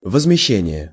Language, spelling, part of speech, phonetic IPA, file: Russian, возмещение, noun, [vəzmʲɪˈɕːenʲɪje], Ru-возмещение.ogg
- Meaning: 1. compensation, indemnification, reimbursement, refund 2. compensation, indemnity, damages